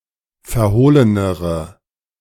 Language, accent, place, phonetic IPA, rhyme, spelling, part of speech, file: German, Germany, Berlin, [fɛɐ̯ˈhoːlənəʁə], -oːlənəʁə, verhohlenere, adjective, De-verhohlenere.ogg
- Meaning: inflection of verhohlen: 1. strong/mixed nominative/accusative feminine singular comparative degree 2. strong nominative/accusative plural comparative degree